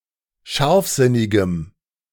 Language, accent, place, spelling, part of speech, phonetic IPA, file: German, Germany, Berlin, scharfsinnigem, adjective, [ˈʃaʁfˌzɪnɪɡəm], De-scharfsinnigem.ogg
- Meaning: strong dative masculine/neuter singular of scharfsinnig